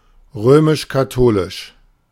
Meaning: Roman Catholic
- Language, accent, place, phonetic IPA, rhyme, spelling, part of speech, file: German, Germany, Berlin, [ˈʁøːmɪʃkaˈtoːlɪʃ], -oːlɪʃ, römisch-katholisch, adjective, De-römisch-katholisch.ogg